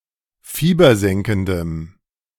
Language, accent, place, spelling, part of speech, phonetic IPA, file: German, Germany, Berlin, fiebersenkendem, adjective, [ˈfiːbɐˌzɛŋkn̩dəm], De-fiebersenkendem.ogg
- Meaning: strong dative masculine/neuter singular of fiebersenkend